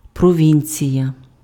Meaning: province (administrative subdivision of certain countries)
- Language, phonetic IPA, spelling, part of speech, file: Ukrainian, [prɔˈʋʲinʲt͡sʲijɐ], провінція, noun, Uk-провінція.ogg